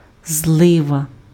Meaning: cloudburst, downpour, torrent (bout of heavy rainfall)
- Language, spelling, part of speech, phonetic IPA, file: Ukrainian, злива, noun, [ˈzɫɪʋɐ], Uk-злива.ogg